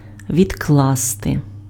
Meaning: 1. to put aside, to set aside, to lay aside 2. to postpone, to put off, to delay, to defer, to adjourn 3. to deposit
- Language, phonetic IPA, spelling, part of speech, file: Ukrainian, [ʋʲidˈkɫaste], відкласти, verb, Uk-відкласти.ogg